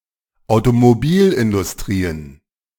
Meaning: plural of Automobilindustrie
- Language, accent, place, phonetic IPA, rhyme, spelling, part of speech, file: German, Germany, Berlin, [aʊ̯tomoˈbiːlʔɪndʊsˌtʁiːən], -iːlʔɪndʊstʁiːən, Automobilindustrien, noun, De-Automobilindustrien.ogg